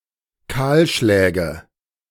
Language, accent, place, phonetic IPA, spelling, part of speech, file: German, Germany, Berlin, [ˈkaːlˌʃlɛːɡə], Kahlschläge, noun, De-Kahlschläge.ogg
- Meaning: nominative/accusative/genitive plural of Kahlschlag